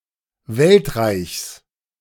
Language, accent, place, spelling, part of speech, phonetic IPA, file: German, Germany, Berlin, Weltreichs, noun, [ˈvɛltˌʁaɪ̯çs], De-Weltreichs.ogg
- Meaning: genitive singular of Weltreich